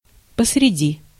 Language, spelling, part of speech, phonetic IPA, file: Russian, посреди, preposition, [pəsrʲɪˈdʲi], Ru-посреди.ogg
- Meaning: in the middle of, in the midst of